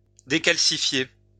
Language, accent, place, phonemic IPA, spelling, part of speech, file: French, France, Lyon, /de.kal.si.fje/, décalcifier, verb, LL-Q150 (fra)-décalcifier.wav
- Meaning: to decalcify, to remove the calcium from